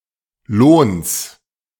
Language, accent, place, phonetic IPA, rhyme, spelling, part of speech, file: German, Germany, Berlin, [loːns], -oːns, Lohns, noun, De-Lohns.ogg
- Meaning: genitive singular of Lohn